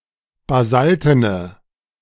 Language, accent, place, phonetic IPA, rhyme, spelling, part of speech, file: German, Germany, Berlin, [baˈzaltənə], -altənə, basaltene, adjective, De-basaltene.ogg
- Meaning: inflection of basalten: 1. strong/mixed nominative/accusative feminine singular 2. strong nominative/accusative plural 3. weak nominative all-gender singular